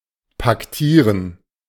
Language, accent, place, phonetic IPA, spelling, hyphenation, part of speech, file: German, Germany, Berlin, [pakˈtiːʁən], paktieren, pak‧tie‧ren, verb, De-paktieren.ogg
- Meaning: to make a pact